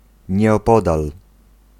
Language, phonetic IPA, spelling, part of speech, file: Polish, [ˌɲɛɔˈpɔdal], nieopodal, preposition / adverb, Pl-nieopodal.ogg